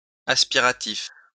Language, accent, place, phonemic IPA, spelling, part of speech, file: French, France, Lyon, /as.pi.ʁa.tif/, aspiratif, adjective, LL-Q150 (fra)-aspiratif.wav
- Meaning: aspirational